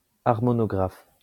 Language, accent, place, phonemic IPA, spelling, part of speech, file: French, France, Lyon, /aʁ.mɔ.nɔ.ɡʁaf/, harmonographe, noun, LL-Q150 (fra)-harmonographe.wav
- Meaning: harmonograph